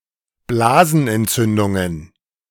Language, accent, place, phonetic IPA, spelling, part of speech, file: German, Germany, Berlin, [ˈblaːzn̩ʔɛntˌt͡sʏndʊŋən], Blasenentzündungen, noun, De-Blasenentzündungen.ogg
- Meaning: plural of Blasenentzündung